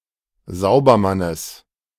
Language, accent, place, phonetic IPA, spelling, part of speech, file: German, Germany, Berlin, [ˈzaʊ̯bɐˌmanəs], Saubermannes, noun, De-Saubermannes.ogg
- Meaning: genitive of Saubermann